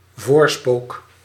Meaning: portent, omen, premonition
- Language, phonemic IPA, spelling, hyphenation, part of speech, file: Dutch, /ˈvoːr.spoːk/, voorspook, voor‧spook, noun, Nl-voorspook.ogg